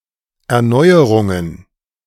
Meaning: plural of Erneuerung
- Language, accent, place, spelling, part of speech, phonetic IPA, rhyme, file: German, Germany, Berlin, Erneuerungen, noun, [ˌɛɐ̯ˈnɔɪ̯əʁʊŋən], -ɔɪ̯əʁʊŋən, De-Erneuerungen.ogg